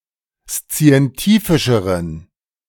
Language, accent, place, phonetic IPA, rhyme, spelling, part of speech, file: German, Germany, Berlin, [st͡si̯ɛnˈtiːfɪʃəʁən], -iːfɪʃəʁən, szientifischeren, adjective, De-szientifischeren.ogg
- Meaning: inflection of szientifisch: 1. strong genitive masculine/neuter singular comparative degree 2. weak/mixed genitive/dative all-gender singular comparative degree